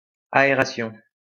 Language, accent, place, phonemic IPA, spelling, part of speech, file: French, France, Lyon, /a.e.ʁa.sjɔ̃/, aération, noun, LL-Q150 (fra)-aération.wav
- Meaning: ventilation; airing out (of a space)